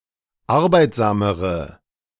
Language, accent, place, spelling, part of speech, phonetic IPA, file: German, Germany, Berlin, arbeitsamere, adjective, [ˈaʁbaɪ̯tzaːməʁə], De-arbeitsamere.ogg
- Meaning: inflection of arbeitsam: 1. strong/mixed nominative/accusative feminine singular comparative degree 2. strong nominative/accusative plural comparative degree